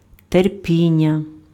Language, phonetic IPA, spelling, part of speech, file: Ukrainian, [terˈpʲinʲːɐ], терпіння, noun, Uk-терпіння.ogg
- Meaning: 1. verbal noun of терпі́ти (terpíty) 2. patience